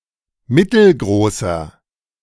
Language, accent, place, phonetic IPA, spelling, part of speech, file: German, Germany, Berlin, [ˈmɪtl̩ˌɡʁoːsɐ], mittelgroßer, adjective, De-mittelgroßer.ogg
- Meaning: inflection of mittelgroß: 1. strong/mixed nominative masculine singular 2. strong genitive/dative feminine singular 3. strong genitive plural